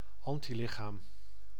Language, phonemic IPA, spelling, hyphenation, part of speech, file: Dutch, /ˈɑn.tiˌlɪ.xaːm/, antilichaam, an‧ti‧li‧chaam, noun, Nl-antilichaam.ogg
- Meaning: antibody, protein that binds to a specific antigen to counter it